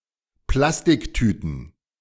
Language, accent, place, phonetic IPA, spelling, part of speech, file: German, Germany, Berlin, [ˈplastɪkˌtyːtn̩], Plastiktüten, noun, De-Plastiktüten.ogg
- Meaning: plural of Plastiktüte